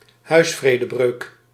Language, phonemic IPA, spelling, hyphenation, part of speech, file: Dutch, /ˈɦœy̯s.freː.dəˌbrøːk/, huisvredebreuk, huis‧vre‧de‧breuk, noun, Nl-huisvredebreuk.ogg
- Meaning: the crime of trespassing, the unlawful entry to, or presence in, a house etc